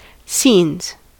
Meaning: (noun) 1. plural of scene 2. A funny or incredible and usually chaotic situation; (verb) third-person singular simple present indicative of scene
- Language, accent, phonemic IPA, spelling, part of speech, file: English, General American, /sinz/, scenes, noun / verb, En-us-scenes.ogg